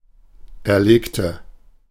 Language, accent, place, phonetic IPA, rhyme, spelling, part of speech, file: German, Germany, Berlin, [ɛɐ̯ˈleːktə], -eːktə, erlegte, adjective / verb, De-erlegte.ogg
- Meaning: inflection of erlegen: 1. first/third-person singular preterite 2. first/third-person singular subjunctive II